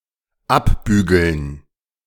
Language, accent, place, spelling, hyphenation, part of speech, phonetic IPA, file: German, Germany, Berlin, abbügeln, ab‧bü‧geln, verb, [ˈapˌbyːɡl̩n], De-abbügeln.ogg
- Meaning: to brush off (To disregard something, to dismiss or ignore someone.)